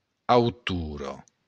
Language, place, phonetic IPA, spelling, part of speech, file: Occitan, Béarn, [awˈtuɾo], autora, noun, LL-Q14185 (oci)-autora.wav
- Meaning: female equivalent of autor